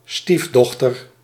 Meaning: stepdaughter
- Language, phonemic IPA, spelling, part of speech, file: Dutch, /ˈstivdɔxtər/, stiefdochter, noun, Nl-stiefdochter.ogg